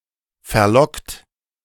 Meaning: 1. past participle of verlocken 2. inflection of verlocken: second-person plural present 3. inflection of verlocken: third-person singular present 4. inflection of verlocken: plural imperative
- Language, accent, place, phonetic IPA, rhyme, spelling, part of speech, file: German, Germany, Berlin, [fɛɐ̯ˈlɔkt], -ɔkt, verlockt, verb, De-verlockt.ogg